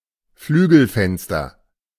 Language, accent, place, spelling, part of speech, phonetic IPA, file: German, Germany, Berlin, Flügelfenster, noun, [ˈflyːɡəlfɛnstɐ], De-Flügelfenster.ogg
- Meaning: casement window (window with hinges on the side, opening inward or outward)